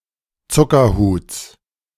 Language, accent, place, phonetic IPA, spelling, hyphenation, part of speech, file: German, Germany, Berlin, [ˈt͡sʊkɐˌhuːt͡s], Zuckerhuts, Zu‧cker‧huts, noun / proper noun, De-Zuckerhuts.ogg
- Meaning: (noun) genitive singular of Zuckerhut